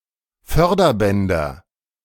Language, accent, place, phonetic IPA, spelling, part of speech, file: German, Germany, Berlin, [ˈfœʁdɐˌbɛndɐ], Förderbänder, noun, De-Förderbänder.ogg
- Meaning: nominative/accusative/genitive plural of Förderband